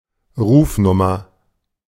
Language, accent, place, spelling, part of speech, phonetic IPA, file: German, Germany, Berlin, Rufnummer, noun, [ˈʁuːfˌnʊmɐ], De-Rufnummer.ogg
- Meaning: telephone number